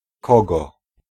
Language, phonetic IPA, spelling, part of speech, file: Polish, [ˈkɔɡɔ], kogo, pronoun / noun, Pl-kogo.ogg